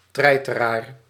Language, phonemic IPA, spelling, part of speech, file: Dutch, /ˈtrɛ.tə.rar/, treiteraar, noun, Nl-treiteraar.ogg
- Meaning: a bully